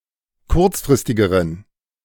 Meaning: inflection of kurzfristig: 1. strong genitive masculine/neuter singular comparative degree 2. weak/mixed genitive/dative all-gender singular comparative degree
- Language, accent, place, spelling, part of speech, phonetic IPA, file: German, Germany, Berlin, kurzfristigeren, adjective, [ˈkʊʁt͡sfʁɪstɪɡəʁən], De-kurzfristigeren.ogg